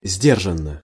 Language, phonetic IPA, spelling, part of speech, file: Russian, [ˈzʲdʲerʐən(ː)ə], сдержанно, adverb, Ru-сдержанно.ogg
- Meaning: with restraint, with reserve, reservedly